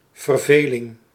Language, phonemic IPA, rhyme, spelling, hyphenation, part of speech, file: Dutch, /vərˈveː.lɪŋ/, -eːlɪŋ, verveling, ver‧ve‧ling, noun, Nl-verveling.ogg
- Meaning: boredom